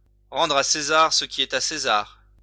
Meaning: to give credit where credit's due
- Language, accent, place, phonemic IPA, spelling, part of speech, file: French, France, Lyon, /ʁɑ̃.dʁ‿a se.zaʁ sə ki ɛ.t‿a se.zaʁ/, rendre à César ce qui est à César, verb, LL-Q150 (fra)-rendre à César ce qui est à César.wav